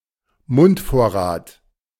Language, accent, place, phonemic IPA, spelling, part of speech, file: German, Germany, Berlin, /ˈmʊntˌfoːɐ̯ʁaːt/, Mundvorrat, noun, De-Mundvorrat.ogg
- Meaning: food provisions while travelling